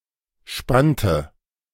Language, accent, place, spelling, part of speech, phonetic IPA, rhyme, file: German, Germany, Berlin, spannte, verb, [ˈʃpantə], -antə, De-spannte.ogg
- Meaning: inflection of spannen: 1. first/third-person singular preterite 2. first/third-person singular subjunctive II